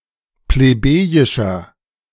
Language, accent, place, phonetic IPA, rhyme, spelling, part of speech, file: German, Germany, Berlin, [pleˈbeːjɪʃɐ], -eːjɪʃɐ, plebejischer, adjective, De-plebejischer.ogg
- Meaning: inflection of plebejisch: 1. strong/mixed nominative masculine singular 2. strong genitive/dative feminine singular 3. strong genitive plural